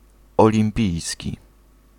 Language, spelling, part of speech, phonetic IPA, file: Polish, olimpijski, adjective, [ˌɔlʲĩmˈpʲijsʲci], Pl-olimpijski.ogg